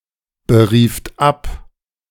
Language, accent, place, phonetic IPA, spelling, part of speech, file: German, Germany, Berlin, [bəˌʁiːft ˈap], berieft ab, verb, De-berieft ab.ogg
- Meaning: second-person plural preterite of abberufen